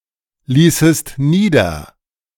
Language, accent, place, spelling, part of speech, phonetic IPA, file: German, Germany, Berlin, ließest nieder, verb, [ˌliːsəst ˈniːdɐ], De-ließest nieder.ogg
- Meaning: second-person singular subjunctive II of niederlassen